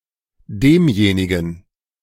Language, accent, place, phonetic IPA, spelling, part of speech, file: German, Germany, Berlin, [ˈdeːmˌjeːnɪɡn̩], demjenigen, determiner, De-demjenigen.ogg
- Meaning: dative masculine of derjenige